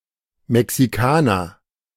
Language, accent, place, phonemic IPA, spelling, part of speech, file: German, Germany, Berlin, /mɛksiˈkaːnɐ/, Mexikaner, noun, De-Mexikaner.ogg
- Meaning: 1. Mexican (person) 2. a drink made of Korn (or wodka), Sangrita, tomato juice, and tabasco sauce; similar to a bloody mary, but spicier and served as a shot